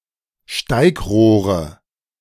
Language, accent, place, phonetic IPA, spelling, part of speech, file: German, Germany, Berlin, [ˈʃtaɪ̯kˌʁoːʁə], Steigrohre, noun, De-Steigrohre.ogg
- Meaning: nominative/accusative/genitive plural of Steigrohr